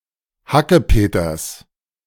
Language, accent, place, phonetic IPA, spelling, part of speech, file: German, Germany, Berlin, [ˈhakəˌpeːtɐs], Hackepeters, noun, De-Hackepeters.ogg
- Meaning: genitive singular of Hackepeter